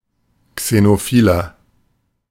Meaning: 1. comparative degree of xenophil 2. inflection of xenophil: strong/mixed nominative masculine singular 3. inflection of xenophil: strong genitive/dative feminine singular
- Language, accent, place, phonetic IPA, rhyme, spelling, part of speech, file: German, Germany, Berlin, [ksenoˈfiːlɐ], -iːlɐ, xenophiler, adjective, De-xenophiler.ogg